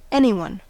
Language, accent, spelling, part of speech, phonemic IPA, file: English, US, anyone, pronoun, /ˈɛ.ni.wʌn/, En-us-anyone.ogg
- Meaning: Any person; anybody